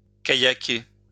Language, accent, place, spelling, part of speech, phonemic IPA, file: French, France, Lyon, kayaker, verb, /ka.ja.ke/, LL-Q150 (fra)-kayaker.wav
- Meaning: to kayak